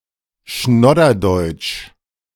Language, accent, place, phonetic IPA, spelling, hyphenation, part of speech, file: German, Germany, Berlin, [ˈʃnɔdɐˌdɔɪ̯t͡ʃ], Schnodderdeutsch, Schnod‧der‧deutsch, proper noun, De-Schnodderdeutsch.ogg
- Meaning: style of German with random neologisms, jargon and colloquialisms